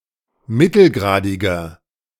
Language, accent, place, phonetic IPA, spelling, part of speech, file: German, Germany, Berlin, [ˈmɪtl̩ˌɡʁaːdɪɡɐ], mittelgradiger, adjective, De-mittelgradiger.ogg
- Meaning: inflection of mittelgradig: 1. strong/mixed nominative masculine singular 2. strong genitive/dative feminine singular 3. strong genitive plural